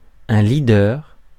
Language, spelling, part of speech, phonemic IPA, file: French, leader, noun, /li.dœʁ/, Fr-leader.ogg
- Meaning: leader